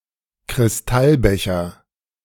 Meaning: crystal tumbler
- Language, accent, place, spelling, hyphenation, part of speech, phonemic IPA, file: German, Germany, Berlin, Kristallbecher, Kris‧tall‧be‧cher, noun, /kʁɪsˈtalˌbɛçɐ/, De-Kristallbecher.ogg